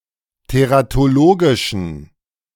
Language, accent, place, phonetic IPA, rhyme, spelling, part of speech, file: German, Germany, Berlin, [teʁatoˈloːɡɪʃn̩], -oːɡɪʃn̩, teratologischen, adjective, De-teratologischen.ogg
- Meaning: inflection of teratologisch: 1. strong genitive masculine/neuter singular 2. weak/mixed genitive/dative all-gender singular 3. strong/weak/mixed accusative masculine singular 4. strong dative plural